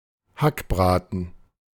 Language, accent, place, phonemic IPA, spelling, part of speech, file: German, Germany, Berlin, /ˈhakˌbʁaːtən/, Hackbraten, noun, De-Hackbraten.ogg
- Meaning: meatloaf